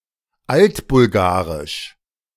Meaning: Old Bulgarian
- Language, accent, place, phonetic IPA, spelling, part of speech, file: German, Germany, Berlin, [ˈaltbʊlˌɡaːʁɪʃ], altbulgarisch, adjective, De-altbulgarisch.ogg